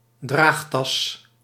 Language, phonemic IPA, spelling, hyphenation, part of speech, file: Dutch, /ˈdraːx.tɑs/, draagtas, draag‧tas, noun, Nl-draagtas.ogg
- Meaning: a carry bag (sturdy bag with handles or straps for carrying groceries, equipment, etc.)